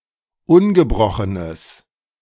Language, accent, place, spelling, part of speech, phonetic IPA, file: German, Germany, Berlin, ungebrochenes, adjective, [ˈʊnɡəˌbʁɔxənəs], De-ungebrochenes.ogg
- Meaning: strong/mixed nominative/accusative neuter singular of ungebrochen